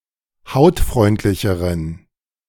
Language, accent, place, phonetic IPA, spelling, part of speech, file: German, Germany, Berlin, [ˈhaʊ̯tˌfʁɔɪ̯ntlɪçəʁən], hautfreundlicheren, adjective, De-hautfreundlicheren.ogg
- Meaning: inflection of hautfreundlich: 1. strong genitive masculine/neuter singular comparative degree 2. weak/mixed genitive/dative all-gender singular comparative degree